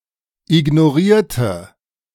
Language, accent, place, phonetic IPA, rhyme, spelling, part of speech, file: German, Germany, Berlin, [ɪɡnoˈʁiːɐ̯tə], -iːɐ̯tə, ignorierte, adjective / verb, De-ignorierte.ogg
- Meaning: inflection of ignorieren: 1. first/third-person singular preterite 2. first/third-person singular subjunctive II